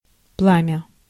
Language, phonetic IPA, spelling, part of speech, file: Russian, [ˈpɫamʲə], пламя, noun, Ru-пламя.ogg
- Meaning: 1. flame 2. blaze